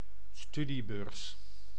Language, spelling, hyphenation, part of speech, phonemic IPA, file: Dutch, studiebeurs, stu‧die‧beurs, noun, /ˈstydibøːrs/, Nl-studiebeurs.ogg
- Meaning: scholarship, grant as study allowance to a student or researcher